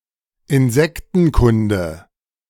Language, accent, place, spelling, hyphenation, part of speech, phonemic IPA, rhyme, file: German, Germany, Berlin, Insektenkunde, In‧sek‧ten‧kun‧de, noun, /ɪnˈzɛktn̩ˌkʊndə/, -ʊndə, De-Insektenkunde.ogg
- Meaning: entomology (study of insects)